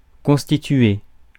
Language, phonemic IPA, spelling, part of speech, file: French, /kɔ̃s.ti.tɥe/, constituer, verb, Fr-constituer.ogg
- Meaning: 1. to constitute 2. to make up 3. to build up